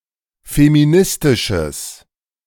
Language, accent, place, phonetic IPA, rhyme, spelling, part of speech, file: German, Germany, Berlin, [femiˈnɪstɪʃəs], -ɪstɪʃəs, feministisches, adjective, De-feministisches.ogg
- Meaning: strong/mixed nominative/accusative neuter singular of feministisch